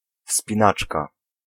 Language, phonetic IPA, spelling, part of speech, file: Polish, [fspʲĩˈnat͡ʃka], wspinaczka, noun, Pl-wspinaczka.ogg